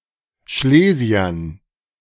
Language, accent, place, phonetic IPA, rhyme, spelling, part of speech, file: German, Germany, Berlin, [ˈʃleːzi̯ɐn], -eːzi̯ɐn, Schlesiern, noun, De-Schlesiern.ogg
- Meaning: dative plural of Schlesier